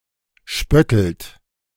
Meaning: inflection of spötteln: 1. second-person plural present 2. third-person singular present 3. plural imperative
- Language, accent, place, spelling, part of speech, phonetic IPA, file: German, Germany, Berlin, spöttelt, verb, [ˈʃpœtl̩t], De-spöttelt.ogg